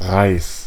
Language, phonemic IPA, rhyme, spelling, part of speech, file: German, /ʁaɪ̯s/, -aɪ̯s, Reis, noun, De-Reis.ogg
- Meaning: 1. rice 2. shoot (of a plant), little twig